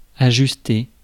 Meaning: to adjust; tweak
- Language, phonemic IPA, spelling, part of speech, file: French, /a.ʒys.te/, ajuster, verb, Fr-ajuster.ogg